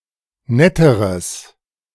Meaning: strong/mixed nominative/accusative neuter singular comparative degree of nett
- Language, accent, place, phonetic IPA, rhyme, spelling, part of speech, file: German, Germany, Berlin, [ˈnɛtəʁəs], -ɛtəʁəs, netteres, adjective, De-netteres.ogg